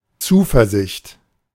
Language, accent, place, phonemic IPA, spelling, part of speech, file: German, Germany, Berlin, /ˈt͜suːfɛɐzɪçt/, Zuversicht, noun, De-Zuversicht.ogg
- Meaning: confidence